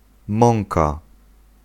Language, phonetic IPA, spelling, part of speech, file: Polish, [ˈmɔ̃ŋka], mąka, noun, Pl-mąka.ogg